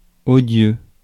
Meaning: 1. obnoxious (very annoying) 2. odious 3. unbearable (of person)
- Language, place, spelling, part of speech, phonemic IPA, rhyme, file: French, Paris, odieux, adjective, /ɔ.djø/, -ø, Fr-odieux.ogg